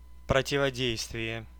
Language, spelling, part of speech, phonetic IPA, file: Russian, противодействие, noun, [prətʲɪvɐˈdʲejstvʲɪje], Ru-противодействие.ogg
- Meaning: counteraction, opposition, resistance (action)